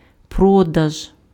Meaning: sale (exchange of goods or services for currency or credit)
- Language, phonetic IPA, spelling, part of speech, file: Ukrainian, [ˈprɔdɐʒ], продаж, noun, Uk-продаж.ogg